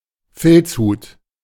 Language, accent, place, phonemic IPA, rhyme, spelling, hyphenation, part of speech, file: German, Germany, Berlin, /ˈfɪlt͡sˌhuːt/, -uːt, Filzhut, Filz‧hut, noun, De-Filzhut.ogg
- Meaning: felt hat; fedora